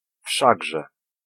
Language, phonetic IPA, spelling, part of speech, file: Polish, [ˈfʃaɡʒɛ], wszakże, particle, Pl-wszakże.ogg